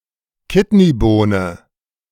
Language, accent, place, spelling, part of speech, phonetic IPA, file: German, Germany, Berlin, Kidneybohne, noun, [ˈkɪtniˌboːnə], De-Kidneybohne.ogg
- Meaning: kidney bean (variety of common bean)